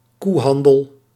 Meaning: 1. alternative form of koeienhandel 2. any opaque form of negotiation or trade 3. any disliked political compromise or the act of negotiating those
- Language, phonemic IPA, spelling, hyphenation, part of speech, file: Dutch, /ˈkuˌɦɑn.dəl/, koehandel, koe‧han‧del, noun, Nl-koehandel.ogg